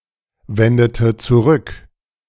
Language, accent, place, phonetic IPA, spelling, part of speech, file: German, Germany, Berlin, [ˌvɛndətə t͡suˈʁʏk], wendete zurück, verb, De-wendete zurück.ogg
- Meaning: inflection of zurückwenden: 1. first/third-person singular preterite 2. first/third-person singular subjunctive II